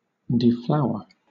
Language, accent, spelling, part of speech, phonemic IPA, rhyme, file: English, Southern England, deflower, verb, /dɪˈflaʊə(ɹ)/, -aʊə(ɹ), LL-Q1860 (eng)-deflower.wav
- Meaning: 1. To take the virginity of (somebody), especially a woman or girl 2. To deprive of flowers 3. To deprive of grace and beauty